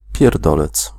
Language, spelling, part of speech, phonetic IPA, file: Polish, pierdolec, noun, [pʲjɛrˈdɔlɛt͡s], Pl-pierdolec.ogg